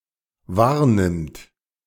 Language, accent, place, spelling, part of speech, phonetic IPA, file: German, Germany, Berlin, wahrnimmt, verb, [ˈvaːɐ̯ˌnɪmt], De-wahrnimmt.ogg
- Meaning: third-person singular dependent present of wahrnehmen